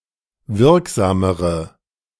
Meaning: inflection of wirksam: 1. strong/mixed nominative/accusative feminine singular comparative degree 2. strong nominative/accusative plural comparative degree
- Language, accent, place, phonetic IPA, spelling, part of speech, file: German, Germany, Berlin, [ˈvɪʁkˌzaːməʁə], wirksamere, adjective, De-wirksamere.ogg